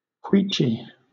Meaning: 1. Yielding or trembling under the feet, as moist or boggy ground; shaking; moving 2. Like a queach or thicket; thick, bushy
- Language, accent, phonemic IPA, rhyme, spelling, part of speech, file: English, Southern England, /ˈkwiːt͡ʃi/, -iːtʃi, queachy, adjective, LL-Q1860 (eng)-queachy.wav